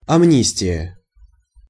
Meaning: 1. amnesty 2. free pardon, let-off 3. act of grace
- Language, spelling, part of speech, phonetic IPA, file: Russian, амнистия, noun, [ɐˈmnʲisʲtʲɪjə], Ru-амнистия.ogg